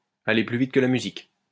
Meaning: to be hasty, to get ahead of oneself
- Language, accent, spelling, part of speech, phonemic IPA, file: French, France, aller plus vite que la musique, verb, /a.le ply vit kə la my.zik/, LL-Q150 (fra)-aller plus vite que la musique.wav